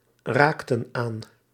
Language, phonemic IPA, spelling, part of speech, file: Dutch, /ˈraktə(n) ˈan/, raakten aan, verb, Nl-raakten aan.ogg
- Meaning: inflection of aanraken: 1. plural past indicative 2. plural past subjunctive